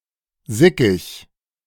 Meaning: annoyed, pissed off
- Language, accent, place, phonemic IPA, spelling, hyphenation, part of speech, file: German, Germany, Berlin, /ˈzɪkɪç/, sickig, si‧ckig, adjective, De-sickig.ogg